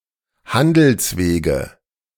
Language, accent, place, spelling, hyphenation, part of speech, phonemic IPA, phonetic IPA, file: German, Germany, Berlin, Handelswege, Han‧dels‧we‧ge, noun, /ˈhandəlsˌveːɡə/, [ˈhandl̩sˌveːɡə], De-Handelswege.ogg
- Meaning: nominative/accusative/genitive plural of Handelsweg